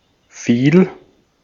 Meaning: first/third-person singular preterite of fallen
- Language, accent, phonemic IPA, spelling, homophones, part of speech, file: German, Austria, /fiːl/, fiel, viel, verb, De-at-fiel.ogg